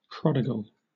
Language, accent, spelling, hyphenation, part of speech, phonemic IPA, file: English, Southern England, prodigal, pro‧dig‧al, adjective / noun, /ˈpɹɒdɪɡəl/, LL-Q1860 (eng)-prodigal.wav
- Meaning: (adjective) 1. Wastefully extravagant 2. Yielding profusely, lavish 3. Profuse, lavishly abundant 4. Behaving as a prodigal son: Having (selfishly) abandoned a person, group, or ideal